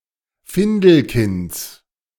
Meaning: genitive singular of Findelkind
- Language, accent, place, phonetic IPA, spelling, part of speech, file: German, Germany, Berlin, [ˈfɪndl̩ˌkɪnt͡s], Findelkinds, noun, De-Findelkinds.ogg